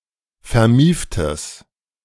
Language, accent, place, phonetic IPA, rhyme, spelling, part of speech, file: German, Germany, Berlin, [fɛɐ̯ˈmiːftəs], -iːftəs, vermieftes, adjective, De-vermieftes.ogg
- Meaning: strong/mixed nominative/accusative neuter singular of vermieft